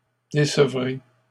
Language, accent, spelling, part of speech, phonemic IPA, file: French, Canada, décevrez, verb, /de.sə.vʁe/, LL-Q150 (fra)-décevrez.wav
- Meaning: second-person plural future of décevoir